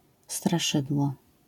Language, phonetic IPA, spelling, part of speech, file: Polish, [straˈʃɨdwɔ], straszydło, noun, LL-Q809 (pol)-straszydło.wav